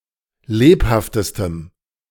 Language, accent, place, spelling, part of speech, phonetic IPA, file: German, Germany, Berlin, lebhaftestem, adjective, [ˈleːphaftəstəm], De-lebhaftestem.ogg
- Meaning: strong dative masculine/neuter singular superlative degree of lebhaft